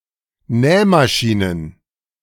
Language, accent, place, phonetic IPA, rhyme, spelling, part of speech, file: German, Germany, Berlin, [ˈnɛːmaˌʃiːnən], -ɛːmaʃiːnən, Nähmaschinen, noun, De-Nähmaschinen.ogg
- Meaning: plural of Nähmaschine